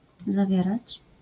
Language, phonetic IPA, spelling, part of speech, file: Polish, [zaˈvʲjɛrat͡ɕ], zawierać, verb, LL-Q809 (pol)-zawierać.wav